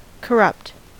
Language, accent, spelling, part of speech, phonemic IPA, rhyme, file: English, US, corrupt, adjective / verb, /kəˈɹʌpt/, -ʌpt, En-us-corrupt.ogg
- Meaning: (adjective) 1. Willing to act dishonestly for personal gain; accepting bribes 2. In a depraved state; debased; perverted; morally degenerate; weak in morals